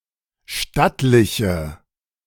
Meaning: inflection of stattlich: 1. strong/mixed nominative/accusative feminine singular 2. strong nominative/accusative plural 3. weak nominative all-gender singular
- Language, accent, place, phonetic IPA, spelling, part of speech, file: German, Germany, Berlin, [ˈʃtatlɪçə], stattliche, adjective, De-stattliche.ogg